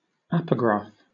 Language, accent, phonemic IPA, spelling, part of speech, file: English, Southern England, /ˈapəɡɹɑːf/, apograph, noun, LL-Q1860 (eng)-apograph.wav
- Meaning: A copy or transcript of a manuscript (called the antigraph)